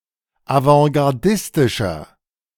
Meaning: 1. comparative degree of avantgardistisch 2. inflection of avantgardistisch: strong/mixed nominative masculine singular 3. inflection of avantgardistisch: strong genitive/dative feminine singular
- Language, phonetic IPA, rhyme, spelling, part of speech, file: German, [avɑ̃ɡaʁˈdɪstɪʃɐ], -ɪstɪʃɐ, avantgardistischer, adjective, De-avantgardistischer.oga